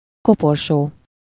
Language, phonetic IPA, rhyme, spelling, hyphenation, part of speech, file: Hungarian, [ˈkoporʃoː], -ʃoː, koporsó, ko‧por‧só, noun, Hu-koporsó.ogg
- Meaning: coffin